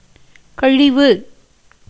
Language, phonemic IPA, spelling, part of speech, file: Tamil, /kɐɻɪʋɯ/, கழிவு, noun, Ta-கழிவு.ogg
- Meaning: 1. waste, refuse, leavings, dross, that which is inferior, base 2. discharging, as from the bowels, excrement 3. remainder 4. deduction, discount, rebate